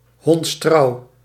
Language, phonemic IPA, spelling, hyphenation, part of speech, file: Dutch, /ɦɔntsˈtrɑu̯/, hondstrouw, honds‧trouw, adjective, Nl-hondstrouw.ogg
- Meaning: very loyal, lit. “loyal as a dog”